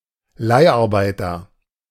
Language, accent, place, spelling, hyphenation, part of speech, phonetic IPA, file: German, Germany, Berlin, Leiharbeiter, Leih‧ar‧bei‧ter, noun, [ˈlaɪ̯ʔaʁˌbaɪ̯tɐ], De-Leiharbeiter.ogg
- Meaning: leased worker, agency worker, contract worker, temporary worker (male or of unspecified gender)